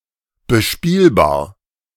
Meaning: playable
- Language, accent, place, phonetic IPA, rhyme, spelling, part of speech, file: German, Germany, Berlin, [bəˈʃpiːlbaːɐ̯], -iːlbaːɐ̯, bespielbar, adjective, De-bespielbar.ogg